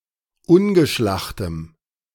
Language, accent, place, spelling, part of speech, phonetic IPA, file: German, Germany, Berlin, ungeschlachtem, adjective, [ˈʊnɡəˌʃlaxtəm], De-ungeschlachtem.ogg
- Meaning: strong dative masculine/neuter singular of ungeschlacht